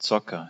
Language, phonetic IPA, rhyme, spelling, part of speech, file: German, [ˈt͡sɔkɐ], -ɔkɐ, Zocker, noun, De-Zocker.ogg
- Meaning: 1. gambler 2. gamer (i.e. video and computer games)